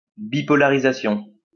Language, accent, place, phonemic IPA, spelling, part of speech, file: French, France, Lyon, /bi.pɔ.la.ʁi.za.sjɔ̃/, bipolarisation, noun, LL-Q150 (fra)-bipolarisation.wav
- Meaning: bipolarization